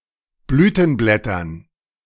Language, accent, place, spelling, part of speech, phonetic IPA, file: German, Germany, Berlin, Blütenblättern, noun, [ˈblyːtn̩ˌblɛtɐn], De-Blütenblättern.ogg
- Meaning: dative plural of Blütenblatt